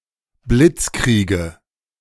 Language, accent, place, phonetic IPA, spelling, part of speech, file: German, Germany, Berlin, [ˈblɪt͡sˌkʁiːɡə], Blitzkriege, noun, De-Blitzkriege.ogg
- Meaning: nominative/accusative/genitive plural of Blitzkrieg